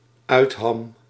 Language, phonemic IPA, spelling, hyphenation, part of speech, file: Dutch, /ˈœy̯t.ɦɑm/, uitham, uit‧ham, noun, Nl-uitham.ogg
- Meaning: 1. headland 2. protrusion, extension